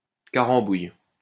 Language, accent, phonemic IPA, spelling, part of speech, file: French, France, /ka.ʁɑ̃.buj/, carambouille, noun, LL-Q150 (fra)-carambouille.wav
- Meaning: con in which someone sells something bought on credit, and then disappears without paying his debt